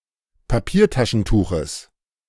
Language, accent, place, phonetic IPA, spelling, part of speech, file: German, Germany, Berlin, [paˈpiːɐ̯taʃn̩ˌtuːxəs], Papiertaschentuches, noun, De-Papiertaschentuches.ogg
- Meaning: genitive singular of Papiertaschentuch